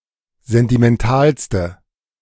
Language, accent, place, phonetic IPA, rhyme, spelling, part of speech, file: German, Germany, Berlin, [ˌzɛntimɛnˈtaːlstə], -aːlstə, sentimentalste, adjective, De-sentimentalste.ogg
- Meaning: inflection of sentimental: 1. strong/mixed nominative/accusative feminine singular superlative degree 2. strong nominative/accusative plural superlative degree